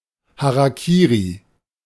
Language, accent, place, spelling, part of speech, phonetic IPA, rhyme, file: German, Germany, Berlin, Harakiri, noun, [ˌhaʁaˈkiːʁi], -iːʁi, De-Harakiri.ogg
- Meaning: hara-kiri